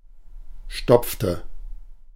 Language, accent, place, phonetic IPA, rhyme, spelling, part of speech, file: German, Germany, Berlin, [ˈʃtɔp͡ftə], -ɔp͡ftə, stopfte, verb, De-stopfte.ogg
- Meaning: inflection of stopfen: 1. first/third-person singular preterite 2. first/third-person singular subjunctive II